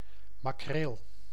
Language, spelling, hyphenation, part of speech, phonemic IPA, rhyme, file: Dutch, makreel, ma‧kreel, noun, /maːˈkreːl/, -eːl, Nl-makreel.ogg
- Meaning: 1. mackerel (Scomber scombrus) 2. any fish of the family Scombridae